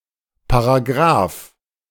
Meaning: alternative spelling of Paragraph
- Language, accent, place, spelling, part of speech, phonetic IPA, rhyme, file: German, Germany, Berlin, Paragraf, noun, [paʁaˈɡʁaːf], -aːf, De-Paragraf.ogg